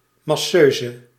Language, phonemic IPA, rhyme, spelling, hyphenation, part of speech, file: Dutch, /ˌmɑˈsøː.zə/, -øːzə, masseuse, mas‧seu‧se, noun, Nl-masseuse.ogg
- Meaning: masseuse